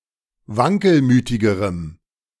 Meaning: strong dative masculine/neuter singular comparative degree of wankelmütig
- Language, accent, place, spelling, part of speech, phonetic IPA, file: German, Germany, Berlin, wankelmütigerem, adjective, [ˈvaŋkəlˌmyːtɪɡəʁəm], De-wankelmütigerem.ogg